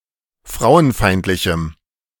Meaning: strong dative masculine/neuter singular of frauenfeindlich
- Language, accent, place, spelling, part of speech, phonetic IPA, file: German, Germany, Berlin, frauenfeindlichem, adjective, [ˈfʁaʊ̯ənˌfaɪ̯ntlɪçm̩], De-frauenfeindlichem.ogg